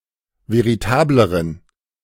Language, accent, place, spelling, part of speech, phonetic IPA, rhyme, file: German, Germany, Berlin, veritableren, adjective, [veʁiˈtaːbləʁən], -aːbləʁən, De-veritableren.ogg
- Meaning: inflection of veritabel: 1. strong genitive masculine/neuter singular comparative degree 2. weak/mixed genitive/dative all-gender singular comparative degree